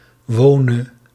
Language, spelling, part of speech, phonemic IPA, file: Dutch, wone, verb, /ˈwonə/, Nl-wone.ogg
- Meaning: singular present subjunctive of wonen